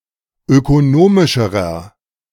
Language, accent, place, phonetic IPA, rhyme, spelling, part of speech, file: German, Germany, Berlin, [økoˈnoːmɪʃəʁɐ], -oːmɪʃəʁɐ, ökonomischerer, adjective, De-ökonomischerer.ogg
- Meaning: inflection of ökonomisch: 1. strong/mixed nominative masculine singular comparative degree 2. strong genitive/dative feminine singular comparative degree 3. strong genitive plural comparative degree